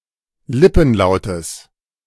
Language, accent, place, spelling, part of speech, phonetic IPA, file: German, Germany, Berlin, Lippenlautes, noun, [ˈlɪpn̩ˌlaʊ̯təs], De-Lippenlautes.ogg
- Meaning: genitive singular of Lippenlaut